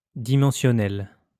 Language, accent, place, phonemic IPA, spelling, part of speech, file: French, France, Lyon, /di.mɑ̃.sjɔ.nɛl/, dimensionnel, adjective, LL-Q150 (fra)-dimensionnel.wav
- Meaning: dimensional